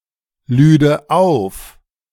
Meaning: first/third-person singular subjunctive II of aufladen
- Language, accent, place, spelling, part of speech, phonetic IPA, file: German, Germany, Berlin, lüde auf, verb, [ˌlyːdə ˈaʊ̯f], De-lüde auf.ogg